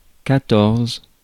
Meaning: fourteen
- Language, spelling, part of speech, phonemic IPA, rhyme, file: French, quatorze, numeral, /ka.tɔʁz/, -ɔʁz, Fr-quatorze.ogg